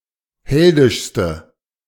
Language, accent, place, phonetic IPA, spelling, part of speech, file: German, Germany, Berlin, [ˈhɛldɪʃstə], heldischste, adjective, De-heldischste.ogg
- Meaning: inflection of heldisch: 1. strong/mixed nominative/accusative feminine singular superlative degree 2. strong nominative/accusative plural superlative degree